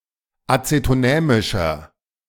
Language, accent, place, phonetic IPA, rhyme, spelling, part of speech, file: German, Germany, Berlin, [ˌat͡setoˈnɛːmɪʃɐ], -ɛːmɪʃɐ, azetonämischer, adjective, De-azetonämischer.ogg
- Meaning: inflection of azetonämisch: 1. strong/mixed nominative masculine singular 2. strong genitive/dative feminine singular 3. strong genitive plural